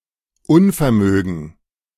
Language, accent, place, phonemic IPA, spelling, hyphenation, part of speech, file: German, Germany, Berlin, /ˈʊnfɛɐ̯ˌmøːɡn̩/, Unvermögen, Un‧ver‧mö‧gen, noun, De-Unvermögen.ogg
- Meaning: inability, incapacity